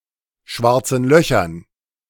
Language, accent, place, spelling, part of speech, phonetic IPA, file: German, Germany, Berlin, schwarzen Löchern, noun, [ˈʃvaʁt͡sn̩ ˈlœçɐn], De-schwarzen Löchern.ogg
- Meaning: dative plural of schwarzes Loch